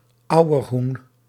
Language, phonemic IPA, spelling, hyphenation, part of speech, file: Dutch, /ˈɑu̯.ərˌɦun/, auerhoen, au‧er‧hoen, noun, Nl-auerhoen.ogg
- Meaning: western capercaillie, wood grouse (Tetrao urogallus)